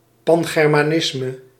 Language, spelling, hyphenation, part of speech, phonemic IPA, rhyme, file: Dutch, pangermanisme, pan‧ger‧ma‧nis‧me, noun, /ˌpɑn.ɣɛr.maːˈnɪs.mə/, -ɪsmə, Nl-pangermanisme.ogg
- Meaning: Pan-Germanism